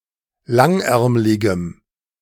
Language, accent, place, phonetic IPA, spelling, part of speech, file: German, Germany, Berlin, [ˈlaŋˌʔɛʁmlɪɡəm], langärmligem, adjective, De-langärmligem.ogg
- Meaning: strong dative masculine/neuter singular of langärmlig